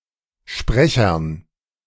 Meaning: dative plural of Sprecher
- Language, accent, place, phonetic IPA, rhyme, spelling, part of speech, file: German, Germany, Berlin, [ˈʃpʁɛçɐn], -ɛçɐn, Sprechern, noun, De-Sprechern.ogg